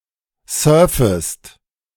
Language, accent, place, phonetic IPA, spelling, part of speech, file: German, Germany, Berlin, [ˈsœːɐ̯fəst], surfest, verb, De-surfest.ogg
- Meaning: second-person singular subjunctive I of surfen